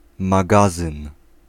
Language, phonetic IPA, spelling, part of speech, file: Polish, [maˈɡazɨ̃n], magazyn, noun, Pl-magazyn.ogg